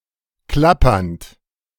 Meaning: present participle of klappern
- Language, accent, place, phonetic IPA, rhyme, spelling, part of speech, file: German, Germany, Berlin, [ˈklapɐnt], -apɐnt, klappernd, adjective / verb, De-klappernd.ogg